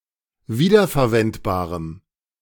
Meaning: strong dative masculine/neuter singular of wiederverwendbar
- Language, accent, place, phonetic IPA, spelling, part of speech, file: German, Germany, Berlin, [ˈviːdɐfɛɐ̯ˌvɛntbaːʁəm], wiederverwendbarem, adjective, De-wiederverwendbarem.ogg